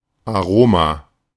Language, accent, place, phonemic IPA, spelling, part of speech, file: German, Germany, Berlin, /ʔaˈʁoːma/, Aroma, noun, De-Aroma.ogg
- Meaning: a (generally rather pleasant) spicy or fragrant taste or smell; aroma